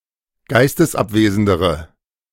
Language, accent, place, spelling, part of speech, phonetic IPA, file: German, Germany, Berlin, geistesabwesendere, adjective, [ˈɡaɪ̯stəsˌʔapveːzn̩dəʁə], De-geistesabwesendere.ogg
- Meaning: inflection of geistesabwesend: 1. strong/mixed nominative/accusative feminine singular comparative degree 2. strong nominative/accusative plural comparative degree